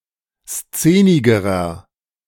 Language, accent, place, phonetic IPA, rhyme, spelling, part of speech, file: German, Germany, Berlin, [ˈst͡seːnɪɡəʁɐ], -eːnɪɡəʁɐ, szenigerer, adjective, De-szenigerer.ogg
- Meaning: inflection of szenig: 1. strong/mixed nominative masculine singular comparative degree 2. strong genitive/dative feminine singular comparative degree 3. strong genitive plural comparative degree